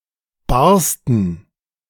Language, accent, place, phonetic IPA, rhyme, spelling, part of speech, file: German, Germany, Berlin, [ˈbaʁstn̩], -aʁstn̩, barsten, verb, De-barsten.ogg
- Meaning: first/third-person plural preterite of bersten